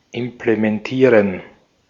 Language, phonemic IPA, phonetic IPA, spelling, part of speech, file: German, /ɪmpləmɛnˈtiːʁən/, [ʔɪmpləmɛnˈtʰiːɐ̯n], implementieren, verb, De-at-implementieren.ogg
- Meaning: to implement (bring about)